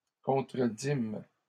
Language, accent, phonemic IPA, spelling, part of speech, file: French, Canada, /kɔ̃.tʁə.dim/, contredîmes, verb, LL-Q150 (fra)-contredîmes.wav
- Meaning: first-person plural past historic of contredire